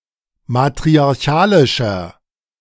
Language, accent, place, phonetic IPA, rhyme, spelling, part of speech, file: German, Germany, Berlin, [matʁiaʁˈçaːlɪʃɐ], -aːlɪʃɐ, matriarchalischer, adjective, De-matriarchalischer.ogg
- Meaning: 1. comparative degree of matriarchalisch 2. inflection of matriarchalisch: strong/mixed nominative masculine singular 3. inflection of matriarchalisch: strong genitive/dative feminine singular